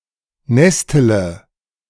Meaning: inflection of nesteln: 1. first-person singular present 2. first-person plural subjunctive I 3. third-person singular subjunctive I 4. singular imperative
- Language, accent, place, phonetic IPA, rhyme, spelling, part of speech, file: German, Germany, Berlin, [ˈnɛstələ], -ɛstələ, nestele, verb, De-nestele.ogg